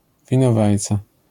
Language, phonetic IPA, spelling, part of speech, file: Polish, [ˌvʲĩnɔˈvajt͡sa], winowajca, noun, LL-Q809 (pol)-winowajca.wav